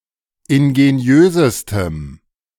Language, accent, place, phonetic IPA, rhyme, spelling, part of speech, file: German, Germany, Berlin, [ɪnɡeˈni̯øːzəstəm], -øːzəstəm, ingeniösestem, adjective, De-ingeniösestem.ogg
- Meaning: strong dative masculine/neuter singular superlative degree of ingeniös